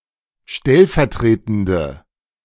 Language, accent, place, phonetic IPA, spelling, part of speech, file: German, Germany, Berlin, [ˈʃtɛlfɛɐ̯ˌtʁeːtn̩də], stellvertretende, adjective, De-stellvertretende.ogg
- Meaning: inflection of stellvertretend: 1. strong/mixed nominative/accusative feminine singular 2. strong nominative/accusative plural 3. weak nominative all-gender singular